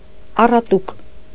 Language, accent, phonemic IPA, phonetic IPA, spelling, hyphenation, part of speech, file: Armenian, Eastern Armenian, /ɑrɑˈtuk/, [ɑrɑtúk], առատուկ, ա‧ռա‧տուկ, noun, Hy-առատուկ.ogg
- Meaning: cord